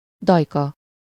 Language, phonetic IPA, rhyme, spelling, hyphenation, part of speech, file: Hungarian, [ˈdɒjkɒ], -kɒ, dajka, daj‧ka, noun, Hu-dajka.ogg
- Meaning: 1. synonym of szoptatós dajka (“wet nurse”, a woman hired to suckle another woman’s child) 2. nurse, nanny, fostress (a woman who takes care of other people’s young, especially in a day nursery)